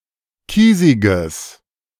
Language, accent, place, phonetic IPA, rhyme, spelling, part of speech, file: German, Germany, Berlin, [ˈkiːzɪɡəs], -iːzɪɡəs, kiesiges, adjective, De-kiesiges.ogg
- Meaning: strong/mixed nominative/accusative neuter singular of kiesig